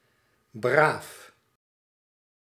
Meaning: 1. well-behaved, obedient 2. honorable, virtuous
- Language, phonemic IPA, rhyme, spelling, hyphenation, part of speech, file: Dutch, /braːf/, -aːf, braaf, braaf, adjective, Nl-braaf.ogg